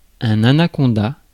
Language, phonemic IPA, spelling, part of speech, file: French, /a.na.kɔ̃.da/, anaconda, noun, Fr-anaconda.ogg
- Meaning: anaconda